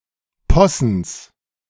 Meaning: genitive singular of Possen
- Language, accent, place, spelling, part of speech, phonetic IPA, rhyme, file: German, Germany, Berlin, Possens, noun, [ˈpɔsn̩s], -ɔsn̩s, De-Possens.ogg